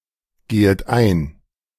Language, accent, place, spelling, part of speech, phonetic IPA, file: German, Germany, Berlin, gehet ein, verb, [ˌɡeːət ˈaɪ̯n], De-gehet ein.ogg
- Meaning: second-person plural subjunctive I of eingehen